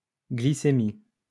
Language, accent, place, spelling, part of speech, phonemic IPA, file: French, France, Lyon, glycémie, noun, /ɡli.se.mi/, LL-Q150 (fra)-glycémie.wav
- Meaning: glycemia; blood sugar level; blood sugar